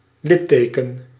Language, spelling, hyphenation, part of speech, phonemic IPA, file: Dutch, litteken, lit‧te‧ken, noun, /ˈlɪˌteː.kə(n)/, Nl-litteken.ogg
- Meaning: scar